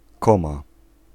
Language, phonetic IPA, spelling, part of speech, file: Polish, [ˈkɔ̃ma], koma, noun, Pl-koma.ogg